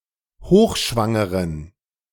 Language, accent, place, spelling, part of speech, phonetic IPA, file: German, Germany, Berlin, hochschwangeren, adjective, [ˈhoːxˌʃvaŋəʁən], De-hochschwangeren.ogg
- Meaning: inflection of hochschwanger: 1. strong genitive masculine/neuter singular 2. weak/mixed genitive/dative all-gender singular 3. strong/weak/mixed accusative masculine singular 4. strong dative plural